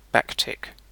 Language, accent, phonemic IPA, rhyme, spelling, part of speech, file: English, UK, /ˈbæk.tɪk/, -æktɪk, backtick, noun, En-uk-backtick.ogg